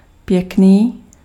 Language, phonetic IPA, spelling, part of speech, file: Czech, [ˈpjɛkniː], pěkný, adjective, Cs-pěkný.ogg
- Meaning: 1. nice 2. pretty